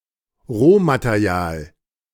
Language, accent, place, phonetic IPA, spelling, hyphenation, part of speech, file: German, Germany, Berlin, [ˈʁoːmateˌʁi̯aːl], Rohmaterial, Roh‧ma‧te‧ri‧al, noun, De-Rohmaterial.ogg
- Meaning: raw material